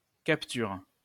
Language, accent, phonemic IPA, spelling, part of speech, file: French, France, /kap.tyʁ/, capture, noun, LL-Q150 (fra)-capture.wav
- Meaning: 1. capture 2. a catch, a take